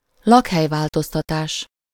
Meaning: relocation
- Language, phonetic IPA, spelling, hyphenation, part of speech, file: Hungarian, [ˈlɒkhɛjvaːltostɒtaːʃ], lakhelyváltoztatás, lak‧hely‧vál‧toz‧ta‧tás, noun, Hu-lakhelyváltoztatás.ogg